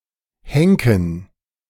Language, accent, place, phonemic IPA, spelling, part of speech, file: German, Germany, Berlin, /ˈhɛŋkən/, henken, verb, De-henken.ogg
- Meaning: to hang; to execute by hanging